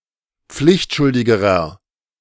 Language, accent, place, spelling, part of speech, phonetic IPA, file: German, Germany, Berlin, pflichtschuldigerer, adjective, [ˈp͡flɪçtˌʃʊldɪɡəʁɐ], De-pflichtschuldigerer.ogg
- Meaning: inflection of pflichtschuldig: 1. strong/mixed nominative masculine singular comparative degree 2. strong genitive/dative feminine singular comparative degree